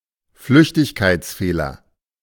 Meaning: oversight, slip, careless mistake
- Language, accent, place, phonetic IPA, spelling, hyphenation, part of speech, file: German, Germany, Berlin, [ˈflʏçtɪçkaɪ̯tsˌfeːlɐ], Flüchtigkeitsfehler, Flüch‧tig‧keits‧feh‧ler, noun, De-Flüchtigkeitsfehler.ogg